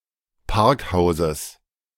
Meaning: genitive singular of Parkhaus
- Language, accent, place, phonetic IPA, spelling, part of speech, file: German, Germany, Berlin, [ˈpaʁkˌhaʊ̯zəs], Parkhauses, noun, De-Parkhauses.ogg